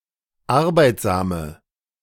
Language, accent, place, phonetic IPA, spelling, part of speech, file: German, Germany, Berlin, [ˈaʁbaɪ̯tzaːmə], arbeitsame, adjective, De-arbeitsame.ogg
- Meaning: inflection of arbeitsam: 1. strong/mixed nominative/accusative feminine singular 2. strong nominative/accusative plural 3. weak nominative all-gender singular